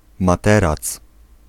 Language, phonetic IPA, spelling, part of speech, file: Polish, [maˈtɛrat͡s], materac, noun, Pl-materac.ogg